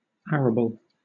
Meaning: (adjective) Of land, able to be plowed or tilled, capable of growing crops (traditionally contrasted with pasturable lands such as heaths)
- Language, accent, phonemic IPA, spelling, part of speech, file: English, Southern England, /ˈæɹəbl̩/, arable, adjective / noun, LL-Q1860 (eng)-arable.wav